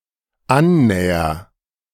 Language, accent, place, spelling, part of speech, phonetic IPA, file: German, Germany, Berlin, annäher, verb, [ˈanˌnɛːɐ], De-annäher.ogg
- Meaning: first-person singular dependent present of annähern